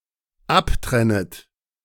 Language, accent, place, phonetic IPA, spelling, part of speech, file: German, Germany, Berlin, [ˈapˌtʁɛnət], abtrennet, verb, De-abtrennet.ogg
- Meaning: second-person plural dependent subjunctive I of abtrennen